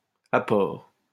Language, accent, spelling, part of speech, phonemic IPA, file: French, France, apport, noun, /a.pɔʁ/, LL-Q150 (fra)-apport.wav
- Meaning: contribution, input